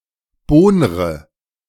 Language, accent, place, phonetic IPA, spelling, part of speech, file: German, Germany, Berlin, [ˈboːnʁə], bohnre, verb, De-bohnre.ogg
- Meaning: inflection of bohnern: 1. first-person singular present 2. first/third-person singular subjunctive I 3. singular imperative